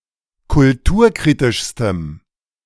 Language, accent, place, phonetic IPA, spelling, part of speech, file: German, Germany, Berlin, [kʊlˈtuːɐ̯ˌkʁiːtɪʃstəm], kulturkritischstem, adjective, De-kulturkritischstem.ogg
- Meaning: strong dative masculine/neuter singular superlative degree of kulturkritisch